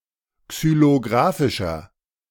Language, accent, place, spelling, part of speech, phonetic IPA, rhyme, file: German, Germany, Berlin, xylografischer, adjective, [ksyloˈɡʁaːfɪʃɐ], -aːfɪʃɐ, De-xylografischer.ogg
- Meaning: inflection of xylografisch: 1. strong/mixed nominative masculine singular 2. strong genitive/dative feminine singular 3. strong genitive plural